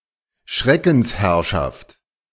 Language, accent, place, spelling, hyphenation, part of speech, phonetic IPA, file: German, Germany, Berlin, Schreckensherrschaft, Schre‧ckens‧herr‧schaft, noun, [ˈʃʁɛkn̩sˌhɛʁʃaft], De-Schreckensherrschaft.ogg
- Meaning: reign of terror